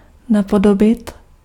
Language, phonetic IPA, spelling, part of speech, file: Czech, [ˈnapodobɪt], napodobit, verb, Cs-napodobit.ogg
- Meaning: to imitate